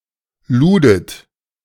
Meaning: second-person plural preterite of laden
- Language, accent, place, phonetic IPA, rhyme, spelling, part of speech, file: German, Germany, Berlin, [ˈluːdət], -uːdət, ludet, verb, De-ludet.ogg